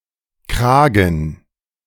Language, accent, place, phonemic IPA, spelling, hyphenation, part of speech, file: German, Germany, Berlin, /ˈkraːɡən/, Kragen, Kra‧gen, noun, De-Kragen.ogg
- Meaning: 1. collar 2. neck